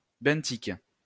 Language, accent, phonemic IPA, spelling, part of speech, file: French, France, /bɛ̃.tik/, benthique, adjective, LL-Q150 (fra)-benthique.wav
- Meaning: benthic